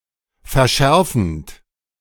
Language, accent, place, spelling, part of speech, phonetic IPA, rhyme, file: German, Germany, Berlin, verschärfend, verb, [fɛɐ̯ˈʃɛʁfn̩t], -ɛʁfn̩t, De-verschärfend.ogg
- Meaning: present participle of verschärfen